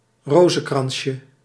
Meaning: diminutive of rozenkrans
- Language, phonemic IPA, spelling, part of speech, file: Dutch, /ˈrozə(n)ˌkrɑnʃə/, rozenkransje, noun, Nl-rozenkransje.ogg